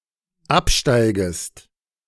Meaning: second-person singular dependent subjunctive I of absteigen
- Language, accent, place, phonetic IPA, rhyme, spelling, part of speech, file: German, Germany, Berlin, [ˈapˌʃtaɪ̯ɡəst], -apʃtaɪ̯ɡəst, absteigest, verb, De-absteigest.ogg